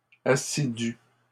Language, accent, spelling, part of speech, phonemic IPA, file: French, Canada, assidus, adjective, /a.si.dy/, LL-Q150 (fra)-assidus.wav
- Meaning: masculine plural of assidu